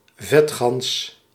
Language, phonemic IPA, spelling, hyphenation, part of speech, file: Dutch, /ˈvɛt.xɑns/, vetgans, vet‧gans, noun, Nl-vetgans.ogg
- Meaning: synonym of pinguïn